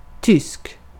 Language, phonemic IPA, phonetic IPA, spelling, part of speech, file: Swedish, /ˈtʏsːk/, [ˈt̪ʰʏs̪ːk], tysk, adjective / noun, Sv-tysk.ogg
- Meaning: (adjective) German (of or pertaining to Germany, Germans, or the German language); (noun) a German (person from Germany)